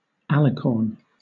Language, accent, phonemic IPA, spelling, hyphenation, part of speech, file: English, Southern England, /ˈæ.lɪ.kɔːn/, alicorn, al‧i‧corn, noun, LL-Q1860 (eng)-alicorn.wav
- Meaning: 1. A unicorn 2. The horn of a unicorn considered as a medical or pharmacological ingredient 3. A mythological creature, a mixture of pegasus and unicorn: a winged horse with a single horn on its head